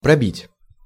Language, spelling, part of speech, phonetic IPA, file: Russian, пробить, verb, [prɐˈbʲitʲ], Ru-пробить.ogg
- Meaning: 1. to punch out 2. to pierce, to go (through) 3. to break (through) 4. to make (a road, a tunnel) 5. to issue a check/chit 6. to pay to the cashier